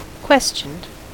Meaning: simple past and past participle of question
- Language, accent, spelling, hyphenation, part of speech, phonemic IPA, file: English, US, questioned, ques‧tioned, verb, /ˈkwɛst͡ʃənd/, En-us-questioned.ogg